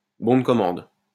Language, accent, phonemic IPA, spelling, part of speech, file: French, France, /bɔ̃ d(ə) kɔ.mɑ̃d/, bon de commande, noun, LL-Q150 (fra)-bon de commande.wav
- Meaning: order form, purchase order, sales order